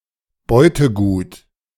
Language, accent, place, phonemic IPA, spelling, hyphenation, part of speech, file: German, Germany, Berlin, /ˈbɔɪ̯təˌɡuːt/, Beutegut, Beu‧te‧gut, noun, De-Beutegut.ogg
- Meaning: loot, looted good